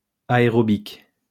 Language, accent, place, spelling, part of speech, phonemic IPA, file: French, France, Lyon, aérobic, noun, /a.e.ʁɔ.bik/, LL-Q150 (fra)-aérobic.wav
- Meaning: aerobics